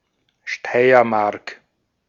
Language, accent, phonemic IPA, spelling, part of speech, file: German, Austria, /ˈʃtaɪɐˌmaʁk/, Steiermark, proper noun, De-at-Steiermark.ogg
- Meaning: Styria (a state of Austria)